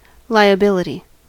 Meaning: 1. An obligation, debt or responsibility owed to someone 2. An obligation, debt or responsibility owed to someone.: Any kind of debt recorded on the right-hand side of a balance sheet
- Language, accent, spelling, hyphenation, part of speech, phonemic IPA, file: English, US, liability, li‧abil‧ity, noun, /laɪəˈbɪlɪti/, En-us-liability.ogg